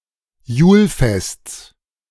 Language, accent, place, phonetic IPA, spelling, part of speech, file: German, Germany, Berlin, [ˈjuːlˌfɛst͡s], Julfests, noun, De-Julfests.ogg
- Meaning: genitive of Julfest